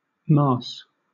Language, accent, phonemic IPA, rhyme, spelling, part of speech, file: English, Southern England, /mɑːs/, -ɑːs, maas, noun, LL-Q1860 (eng)-maas.wav
- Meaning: sour milk